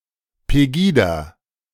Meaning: acronym of Patriotische Europäer gegen (die) Islamisierung des Abendlandes (“Patriotic Europeans Against the Islamisation of the Occident”)
- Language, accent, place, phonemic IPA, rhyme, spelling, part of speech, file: German, Germany, Berlin, /peˈɡiːda/, -iːda, Pegida, proper noun, De-Pegida.ogg